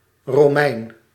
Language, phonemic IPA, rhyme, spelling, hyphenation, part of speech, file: Dutch, /roːˈmɛi̯n/, -ɛi̯n, Romein, Ro‧mein, noun / proper noun, Nl-Romein.ogg
- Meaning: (noun) 1. a Roman (an inhabitant of Rome) 2. a Roman (citizen or subject of the Roman Empire); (proper noun) 1. a male given name 2. a surname